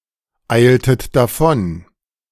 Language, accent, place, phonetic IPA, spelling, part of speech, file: German, Germany, Berlin, [ˌaɪ̯ltət daˈfɔn], eiltet davon, verb, De-eiltet davon.ogg
- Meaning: inflection of davoneilen: 1. second-person plural preterite 2. second-person plural subjunctive II